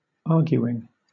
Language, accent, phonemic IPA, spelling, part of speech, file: English, Southern England, /ˈɑː(ɹ).ɡju.ɪŋ/, arguing, verb / noun, LL-Q1860 (eng)-arguing.wav
- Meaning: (verb) present participle and gerund of argue; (noun) argument